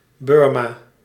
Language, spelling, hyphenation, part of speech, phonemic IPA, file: Dutch, Birma, Bir‧ma, proper noun, /ˈbɪr.maː/, Nl-Birma.ogg
- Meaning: Burma (a country in Southeast Asia)